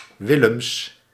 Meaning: a surname, Willems, originating as a patronymic, equivalent to English Williams
- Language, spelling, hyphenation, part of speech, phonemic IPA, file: Dutch, Willems, Wil‧lems, proper noun, /ˈʋɪ.ləms/, Nl-Willems.ogg